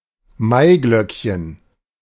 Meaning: lily of the valley, Convallaria majalis
- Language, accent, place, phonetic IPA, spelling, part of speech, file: German, Germany, Berlin, [ˈmaɪ̯ˌɡlœkçən], Maiglöckchen, noun, De-Maiglöckchen.ogg